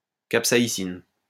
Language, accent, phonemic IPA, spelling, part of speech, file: French, France, /kap.sa.i.zin/, capsaïsine, noun, LL-Q150 (fra)-capsaïsine.wav
- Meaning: capsaicin